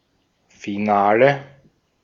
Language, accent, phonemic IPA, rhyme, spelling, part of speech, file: German, Austria, /fiˈnaːlə/, -aːlə, Finale, noun, De-at-Finale.ogg
- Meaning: 1. final 2. finale